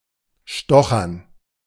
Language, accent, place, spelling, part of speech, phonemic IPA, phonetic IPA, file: German, Germany, Berlin, stochern, verb, /ˈʃtɔxəʁn/, [ˈʃtɔ.χɐn], De-stochern.ogg
- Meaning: to poke, pick